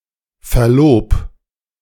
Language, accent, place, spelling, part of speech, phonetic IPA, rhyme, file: German, Germany, Berlin, verlob, verb, [fɛɐ̯ˈloːp], -oːp, De-verlob.ogg
- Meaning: 1. singular imperative of verloben 2. first-person singular present of verloben